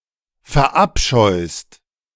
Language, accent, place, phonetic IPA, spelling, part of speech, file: German, Germany, Berlin, [fɛɐ̯ˈʔapʃɔɪ̯st], verabscheust, verb, De-verabscheust.ogg
- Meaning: second-person singular present of verabscheuen